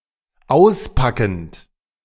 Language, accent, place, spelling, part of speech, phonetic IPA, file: German, Germany, Berlin, auspackend, verb, [ˈaʊ̯sˌpakn̩t], De-auspackend.ogg
- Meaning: present participle of auspacken